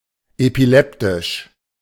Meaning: epileptic
- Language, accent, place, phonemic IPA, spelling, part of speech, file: German, Germany, Berlin, /epiˈlɛptɪʃ/, epileptisch, adjective, De-epileptisch.ogg